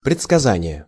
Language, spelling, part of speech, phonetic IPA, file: Russian, предсказание, noun, [prʲɪt͡skɐˈzanʲɪje], Ru-предсказание.ogg
- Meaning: 1. prediction; forecast; prophecy 2. prognostication 3. forecasting; prognosis